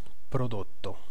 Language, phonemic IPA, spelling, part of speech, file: Italian, /proˈdotto/, prodotto, noun / verb, It-prodotto.ogg